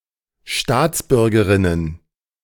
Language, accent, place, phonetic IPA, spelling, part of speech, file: German, Germany, Berlin, [ˈʃtaːt͡sˌbʏʁɡəʁɪnən], Staatsbürgerinnen, noun, De-Staatsbürgerinnen.ogg
- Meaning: plural of Staatsbürgerin